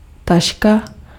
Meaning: 1. bag (flexible container) 2. roof tile
- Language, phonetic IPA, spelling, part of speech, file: Czech, [ˈtaʃka], taška, noun, Cs-taška.ogg